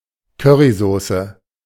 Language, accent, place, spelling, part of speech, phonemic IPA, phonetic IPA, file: German, Germany, Berlin, Currysoße, noun, /kø.ri.zoː.se/, [ˈkœ.ʁi.ˌzoː.sə], De-Currysoße.ogg
- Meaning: curry sauce